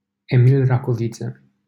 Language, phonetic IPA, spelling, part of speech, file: Romanian, [eˈmil ˈrakovit͡sə], Emil Racoviță, proper noun, LL-Q7913 (ron)-Emil Racoviță.wav
- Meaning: a village in the commune of Dănești, in the county of Vaslui County, Romania